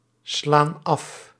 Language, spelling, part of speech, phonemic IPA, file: Dutch, slaan af, verb, /ˈslan ˈɑf/, Nl-slaan af.ogg
- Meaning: inflection of afslaan: 1. plural present indicative 2. plural present subjunctive